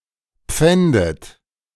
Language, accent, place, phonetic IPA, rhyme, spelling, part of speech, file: German, Germany, Berlin, [ˈp͡fɛndət], -ɛndət, pfändet, verb, De-pfändet.ogg
- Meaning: inflection of pfänden: 1. third-person singular present 2. second-person plural present 3. plural imperative 4. second-person plural subjunctive I